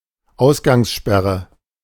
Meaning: 1. curfew 2. lockdown
- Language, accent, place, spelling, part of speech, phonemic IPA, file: German, Germany, Berlin, Ausgangssperre, noun, /ˈaʊ̯sɡaŋsˌʃpɛʁə/, De-Ausgangssperre.ogg